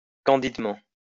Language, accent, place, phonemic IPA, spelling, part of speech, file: French, France, Lyon, /kɑ̃.did.mɑ̃/, candidement, adverb, LL-Q150 (fra)-candidement.wav
- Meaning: 1. confidently 2. purely, in a pure way 3. candidly